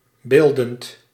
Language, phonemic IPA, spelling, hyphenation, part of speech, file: Dutch, /ˈbeːl.dənt/, beeldend, beel‧dend, adjective, Nl-beeldend.ogg
- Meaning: visual, "plastic", pictorial